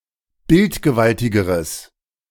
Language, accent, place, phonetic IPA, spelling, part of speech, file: German, Germany, Berlin, [ˈbɪltɡəˌvaltɪɡəʁəs], bildgewaltigeres, adjective, De-bildgewaltigeres.ogg
- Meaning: strong/mixed nominative/accusative neuter singular comparative degree of bildgewaltig